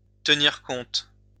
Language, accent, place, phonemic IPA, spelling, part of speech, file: French, France, Lyon, /tə.niʁ kɔ̃t/, tenir compte, verb, LL-Q150 (fra)-tenir compte.wav
- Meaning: to take into account, to factor in